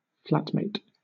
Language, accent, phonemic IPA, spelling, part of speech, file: English, Southern England, /ˈflætmeɪt/, flatmate, noun, LL-Q1860 (eng)-flatmate.wav
- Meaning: 1. A person with whom one shares a flat 2. A person with whom one shares any rental dwelling, not necessarily a flat